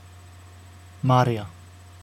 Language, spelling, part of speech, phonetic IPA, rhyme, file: Icelandic, María, proper noun, [ˈmaːrija], -aːrija, Is-María.oga
- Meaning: a female given name, equivalent to English Mary